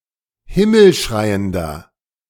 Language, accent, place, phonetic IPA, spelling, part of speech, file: German, Germany, Berlin, [ˈhɪml̩ˌʃʁaɪ̯əndɐ], himmelschreiender, adjective, De-himmelschreiender.ogg
- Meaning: inflection of himmelschreiend: 1. strong/mixed nominative masculine singular 2. strong genitive/dative feminine singular 3. strong genitive plural